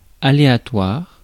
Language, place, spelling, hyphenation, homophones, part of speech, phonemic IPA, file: French, Paris, aléatoire, a‧léa‧toire, aléatoires, adjective, /a.le.a.twaʁ/, Fr-aléatoire.ogg
- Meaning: 1. doubtful, dubious, uncertain, unpredictable 2. random, aleatory